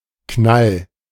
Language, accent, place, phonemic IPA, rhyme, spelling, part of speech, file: German, Germany, Berlin, /knal/, -al, Knall, noun, De-Knall.ogg
- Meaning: 1. crack 2. bang 3. snap, jounce